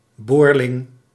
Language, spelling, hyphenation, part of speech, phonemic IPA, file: Dutch, boorling, boor‧ling, noun, /ˈboːr.lɪŋ/, Nl-boorling.ogg
- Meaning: alternative form of boreling